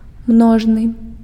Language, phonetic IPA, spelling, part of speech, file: Belarusian, [ˈmnoʐnɨ], множны, adjective, Be-множны.ogg
- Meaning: plural